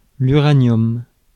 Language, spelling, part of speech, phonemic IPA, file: French, uranium, noun, /y.ʁa.njɔm/, Fr-uranium.ogg
- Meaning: uranium